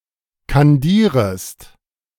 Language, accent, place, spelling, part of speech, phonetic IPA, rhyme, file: German, Germany, Berlin, kandierest, verb, [kanˈdiːʁəst], -iːʁəst, De-kandierest.ogg
- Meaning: second-person singular subjunctive I of kandieren